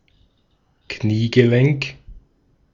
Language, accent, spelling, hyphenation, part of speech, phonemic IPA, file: German, Austria, Kniegelenk, Knie‧ge‧lenk, noun, /ˈkniːɡəˌlɛŋk/, De-at-Kniegelenk.ogg
- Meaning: knee joint